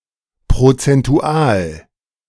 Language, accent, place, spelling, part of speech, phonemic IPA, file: German, Germany, Berlin, prozentual, adjective, /pʁot͡sɛnˈtu̯aːl/, De-prozentual.ogg
- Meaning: percental, in terms of percentage